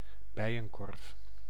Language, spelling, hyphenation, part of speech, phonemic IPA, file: Dutch, bijenkorf, bij‧en‧korf, noun, /ˈbɛi̯jə(ŋ)ˌkɔrf/, Nl-bijenkorf.ogg
- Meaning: a skep, a woven beehive